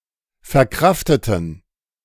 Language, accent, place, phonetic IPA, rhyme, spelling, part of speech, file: German, Germany, Berlin, [fɛɐ̯ˈkʁaftətn̩], -aftətn̩, verkrafteten, adjective / verb, De-verkrafteten.ogg
- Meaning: inflection of verkraften: 1. first/third-person plural preterite 2. first/third-person plural subjunctive II